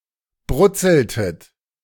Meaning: inflection of brutzeln: 1. second-person plural preterite 2. second-person plural subjunctive II
- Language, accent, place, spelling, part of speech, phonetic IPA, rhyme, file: German, Germany, Berlin, brutzeltet, verb, [ˈbʁʊt͡sl̩tət], -ʊt͡sl̩tət, De-brutzeltet.ogg